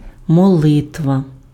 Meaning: prayer
- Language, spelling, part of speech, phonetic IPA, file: Ukrainian, молитва, noun, [mɔˈɫɪtʋɐ], Uk-молитва.ogg